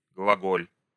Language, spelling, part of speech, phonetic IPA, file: Russian, глаголь, verb / noun, [ɡɫɐˈɡolʲ], Ru-глаголь.ogg
- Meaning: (verb) second-person singular imperative imperfective of глаго́лить (glagólitʹ); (noun) 1. The name of the letter Г in old East Slavic alphabets 2. the Г-shaped gallows